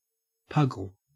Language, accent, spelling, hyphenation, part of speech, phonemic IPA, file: English, Australia, puggle, pug‧gle, verb / noun, /ˈpʌɡl̩/, En-au-puggle.ogg
- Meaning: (verb) To coax (a rabbit) from a burrow by poking a stick down the hole and moving it about; to delve into a hole in order to locate an animal